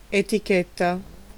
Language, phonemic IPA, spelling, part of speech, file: Italian, /etiˈketta/, etichetta, noun / verb, It-etichetta.ogg